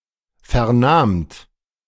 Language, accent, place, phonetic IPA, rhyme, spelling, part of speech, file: German, Germany, Berlin, [ˌfɛɐ̯ˈnaːmt], -aːmt, vernahmt, verb, De-vernahmt.ogg
- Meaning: second-person plural preterite of vernehmen